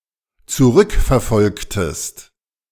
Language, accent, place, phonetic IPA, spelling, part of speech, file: German, Germany, Berlin, [t͡suˈʁʏkfɛɐ̯ˌfɔlktəst], zurückverfolgtest, verb, De-zurückverfolgtest.ogg
- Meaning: inflection of zurückverfolgen: 1. second-person singular dependent preterite 2. second-person singular dependent subjunctive II